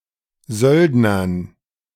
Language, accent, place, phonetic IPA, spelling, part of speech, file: German, Germany, Berlin, [ˈzœldnɐn], Söldnern, noun, De-Söldnern.ogg
- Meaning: dative plural of Söldner